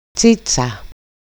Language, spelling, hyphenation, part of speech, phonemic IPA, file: Greek, τσίτσα, τσί‧τσα, noun, /ˈt͡sit͡sa/, EL-τσίτσα.ogg
- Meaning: 1. wooden flask (especially for wine) 2. a kind of basket